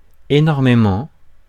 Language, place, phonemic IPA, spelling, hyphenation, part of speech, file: French, Paris, /e.nɔʁ.me.mɑ̃/, énormément, é‧nor‧mé‧ment, adverb / determiner, Fr-énormément.ogg
- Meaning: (adverb) enormously; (determiner) enormously many, very much, a great deal